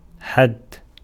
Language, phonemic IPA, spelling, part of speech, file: Arabic, /ħadd/, حد, noun / adjective, Ar-حد.ogg
- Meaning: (noun) 1. verbal noun of حَدَّ (ḥadda) (form I) 2. limit 3. boundary, border 4. frontier 5. term 6. end, goal, aim 7. district 8. reach, sphere of action 9. difference 10. definition 11. rule